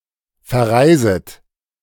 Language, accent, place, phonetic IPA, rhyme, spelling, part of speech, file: German, Germany, Berlin, [fɛɐ̯ˈʁaɪ̯zət], -aɪ̯zət, verreiset, verb, De-verreiset.ogg
- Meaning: second-person plural subjunctive I of verreisen